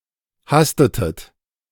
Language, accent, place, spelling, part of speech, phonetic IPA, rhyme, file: German, Germany, Berlin, hastetet, verb, [ˈhastətət], -astətət, De-hastetet.ogg
- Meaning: inflection of hasten: 1. second-person plural preterite 2. second-person plural subjunctive II